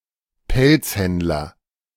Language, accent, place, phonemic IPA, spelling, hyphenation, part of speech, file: German, Germany, Berlin, /ˈpɛlt͡sˌhɛntlɐ/, Pelzhändler, Pelz‧händ‧ler, noun, De-Pelzhändler.ogg
- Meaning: fur trader, fur dealer